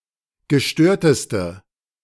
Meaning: inflection of gestört: 1. strong/mixed nominative/accusative feminine singular superlative degree 2. strong nominative/accusative plural superlative degree
- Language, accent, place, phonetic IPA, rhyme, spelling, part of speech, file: German, Germany, Berlin, [ɡəˈʃtøːɐ̯təstə], -øːɐ̯təstə, gestörteste, adjective, De-gestörteste.ogg